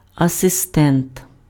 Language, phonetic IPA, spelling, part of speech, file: Ukrainian, [ɐseˈstɛnt], асистент, noun, Uk-асистент.ogg
- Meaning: assistant